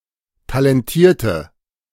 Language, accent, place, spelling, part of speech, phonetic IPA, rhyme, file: German, Germany, Berlin, talentierte, adjective, [talɛnˈtiːɐ̯tə], -iːɐ̯tə, De-talentierte.ogg
- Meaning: inflection of talentiert: 1. strong/mixed nominative/accusative feminine singular 2. strong nominative/accusative plural 3. weak nominative all-gender singular